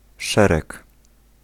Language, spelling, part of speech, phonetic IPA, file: Polish, szereg, noun / pronoun, [ˈʃɛrɛk], Pl-szereg.ogg